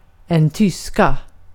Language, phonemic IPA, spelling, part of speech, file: Swedish, /²tʏska/, tyska, adjective / noun, Sv-tyska.ogg
- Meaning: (adjective) inflection of tysk: 1. definite singular 2. plural; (noun) 1. German (language) 2. a female German national